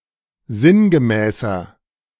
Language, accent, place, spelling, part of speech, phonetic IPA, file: German, Germany, Berlin, sinngemäßer, adjective, [ˈzɪnɡəˌmɛːsɐ], De-sinngemäßer.ogg
- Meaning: 1. comparative degree of sinngemäß 2. inflection of sinngemäß: strong/mixed nominative masculine singular 3. inflection of sinngemäß: strong genitive/dative feminine singular